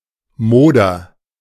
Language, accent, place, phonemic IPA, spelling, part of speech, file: German, Germany, Berlin, /ˈmoːdɐ/, Moder, noun, De-Moder.ogg
- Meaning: 1. a decomposing mass 2. moldiness 3. moldy smell